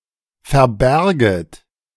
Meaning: second-person plural subjunctive II of verbergen
- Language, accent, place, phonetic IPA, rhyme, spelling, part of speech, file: German, Germany, Berlin, [fɛɐ̯ˈbɛʁɡət], -ɛʁɡət, verbärget, verb, De-verbärget.ogg